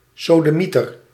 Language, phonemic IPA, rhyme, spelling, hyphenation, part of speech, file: Dutch, /ˌsoː.dəˈmi.tər/, -itər, sodemieter, so‧de‧mie‧ter, noun, Nl-sodemieter.ogg
- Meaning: 1. sodomite, bugger 2. damn, bugger (often in denials with verb indicating concern, interest or care)